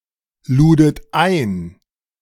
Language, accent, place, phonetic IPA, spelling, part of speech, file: German, Germany, Berlin, [ˌluːdət ˈaɪ̯n], ludet ein, verb, De-ludet ein.ogg
- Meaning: second-person plural preterite of einladen